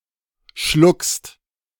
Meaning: second-person singular present of schlucken
- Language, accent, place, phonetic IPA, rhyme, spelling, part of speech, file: German, Germany, Berlin, [ʃlʊkst], -ʊkst, schluckst, verb, De-schluckst.ogg